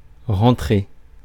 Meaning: 1. to go back, to re-enter 2. to go (back) home, to come (back) home 3. to get in, to go in, to fit in 4. to bring in, to get in, to put in 5. to score (a goal)
- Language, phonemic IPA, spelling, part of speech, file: French, /ʁɑ̃.tʁe/, rentrer, verb, Fr-rentrer.ogg